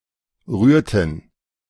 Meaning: inflection of rühren: 1. first/third-person plural preterite 2. first/third-person plural subjunctive II
- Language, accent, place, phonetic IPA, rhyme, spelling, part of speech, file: German, Germany, Berlin, [ˈʁyːɐ̯tn̩], -yːɐ̯tn̩, rührten, verb, De-rührten.ogg